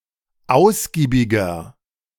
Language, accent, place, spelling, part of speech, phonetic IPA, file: German, Germany, Berlin, ausgiebiger, adjective, [ˈaʊ̯sɡiːbɪɡɐ], De-ausgiebiger.ogg
- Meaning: inflection of ausgiebig: 1. strong/mixed nominative masculine singular 2. strong genitive/dative feminine singular 3. strong genitive plural